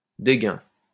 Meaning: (pronoun) nobody; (noun) nobody, zero (person of little or no importance)
- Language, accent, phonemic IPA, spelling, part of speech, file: French, France, /de.ɡœ̃/, dégun, pronoun / noun, LL-Q150 (fra)-dégun.wav